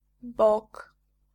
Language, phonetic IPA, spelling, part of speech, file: Polish, [bɔk], bok, noun, Pl-bok.ogg